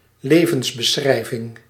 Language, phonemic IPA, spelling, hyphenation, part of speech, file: Dutch, /ˈleː.vəns.bəˌsxrɛi̯.vɪŋ/, levensbeschrijving, le‧vens‧be‧schrij‧ving, noun, Nl-levensbeschrijving.ogg
- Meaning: biography